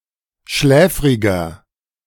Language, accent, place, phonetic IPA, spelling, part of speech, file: German, Germany, Berlin, [ˈʃlɛːfʁɪɡɐ], schläfriger, adjective, De-schläfriger.ogg
- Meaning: 1. comparative degree of schläfrig 2. inflection of schläfrig: strong/mixed nominative masculine singular 3. inflection of schläfrig: strong genitive/dative feminine singular